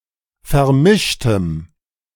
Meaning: strong dative masculine/neuter singular of vermischt
- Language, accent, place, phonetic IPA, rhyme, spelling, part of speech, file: German, Germany, Berlin, [fɛɐ̯ˈmɪʃtəm], -ɪʃtəm, vermischtem, adjective, De-vermischtem.ogg